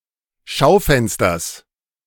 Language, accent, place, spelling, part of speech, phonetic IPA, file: German, Germany, Berlin, Schaufensters, noun, [ˈʃaʊ̯ˌfɛnstɐs], De-Schaufensters.ogg
- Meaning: genitive singular of Schaufenster